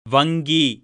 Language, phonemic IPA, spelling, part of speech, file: Tamil, /ʋɐŋɡiː/, வங்கி, noun, Ta-வங்கி.ogg
- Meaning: bank